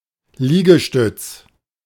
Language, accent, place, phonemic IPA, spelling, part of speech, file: German, Germany, Berlin, /ˈliːɡəˌʃtʏts/, Liegestütz, noun, De-Liegestütz.ogg
- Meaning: push-up; press-up (exercise performed by resting on one's toes and hands and pushing one's weight off the floor)